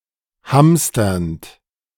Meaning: present participle of hamstern
- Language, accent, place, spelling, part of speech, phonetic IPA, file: German, Germany, Berlin, hamsternd, verb, [ˈhamstɐnt], De-hamsternd.ogg